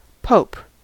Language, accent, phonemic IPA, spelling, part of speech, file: English, US, /poʊp/, pope, noun / verb, En-us-pope.ogg
- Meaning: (noun) An honorary title of the Roman Catholic bishop of Rome as father and head of his church, a sovereign of the Vatican city state